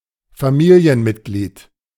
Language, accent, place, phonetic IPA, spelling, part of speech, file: German, Germany, Berlin, [faˈmiːli̯ənˌmɪtɡliːt], Familienmitglied, noun, De-Familienmitglied.ogg
- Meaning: a family member